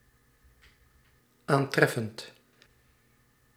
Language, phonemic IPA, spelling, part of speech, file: Dutch, /ˈantrɛfənt/, aantreffend, verb, Nl-aantreffend.ogg
- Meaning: present participle of aantreffen